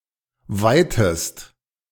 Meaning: inflection of weiten: 1. second-person singular present 2. second-person singular subjunctive I
- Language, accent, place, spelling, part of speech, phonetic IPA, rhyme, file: German, Germany, Berlin, weitest, verb, [ˈvaɪ̯təst], -aɪ̯təst, De-weitest.ogg